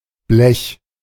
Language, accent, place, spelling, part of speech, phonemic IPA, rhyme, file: German, Germany, Berlin, Blech, noun, /blɛç/, -ɛç, De-Blech.ogg
- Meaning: 1. sheet (of metal) 2. sheet metal (as a material) 3. any cheap, lightweight metal or metal object 4. brass (all brass instruments, or all brass players, etc.)